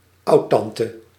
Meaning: a great-aunt, sister of one’s grandparent, aunt of one’s parent
- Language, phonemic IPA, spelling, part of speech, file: Dutch, /ˈɑu̯tɑntə/, oudtante, noun, Nl-oudtante.ogg